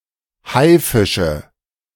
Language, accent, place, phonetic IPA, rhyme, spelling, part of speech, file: German, Germany, Berlin, [ˈhaɪ̯ˌfɪʃə], -aɪ̯fɪʃə, Haifische, noun, De-Haifische.ogg
- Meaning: nominative/accusative/genitive plural of Haifisch